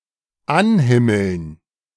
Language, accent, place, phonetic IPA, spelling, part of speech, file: German, Germany, Berlin, [ˈanˌhɪml̩n], anhimmeln, verb, De-anhimmeln.ogg
- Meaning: to adore, to idolize